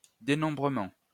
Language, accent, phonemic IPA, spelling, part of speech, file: French, France, /de.nɔ̃.bʁə.mɑ̃/, dénombrement, noun, LL-Q150 (fra)-dénombrement.wav
- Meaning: 1. counting 2. enumeration